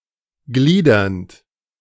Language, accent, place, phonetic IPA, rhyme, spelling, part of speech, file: German, Germany, Berlin, [ˈɡliːdɐnt], -iːdɐnt, gliedernd, verb, De-gliedernd.ogg
- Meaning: present participle of gliedern